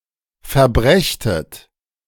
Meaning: second-person plural subjunctive II of verbringen
- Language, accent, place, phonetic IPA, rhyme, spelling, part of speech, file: German, Germany, Berlin, [fɛɐ̯ˈbʁɛçtət], -ɛçtət, verbrächtet, verb, De-verbrächtet.ogg